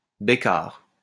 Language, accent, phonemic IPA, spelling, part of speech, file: French, France, /be.kaʁ/, bécarre, noun / adjective, LL-Q150 (fra)-bécarre.wav
- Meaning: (noun) natural